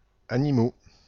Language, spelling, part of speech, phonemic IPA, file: French, animaux, adjective / noun, /a.ni.mo/, Fr-animaux.ogg
- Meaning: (adjective) masculine plural of animal; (noun) plural of animal